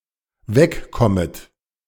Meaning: second-person plural dependent subjunctive I of wegkommen
- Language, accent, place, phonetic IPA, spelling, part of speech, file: German, Germany, Berlin, [ˈvɛkˌkɔmət], wegkommet, verb, De-wegkommet.ogg